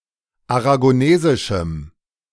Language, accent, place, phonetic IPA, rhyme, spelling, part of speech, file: German, Germany, Berlin, [aʁaɡoˈneːzɪʃm̩], -eːzɪʃm̩, aragonesischem, adjective, De-aragonesischem.ogg
- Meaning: strong dative masculine/neuter singular of aragonesisch